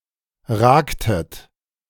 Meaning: inflection of ragen: 1. second-person plural preterite 2. second-person plural subjunctive II
- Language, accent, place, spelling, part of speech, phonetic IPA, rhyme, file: German, Germany, Berlin, ragtet, verb, [ˈʁaːktət], -aːktət, De-ragtet.ogg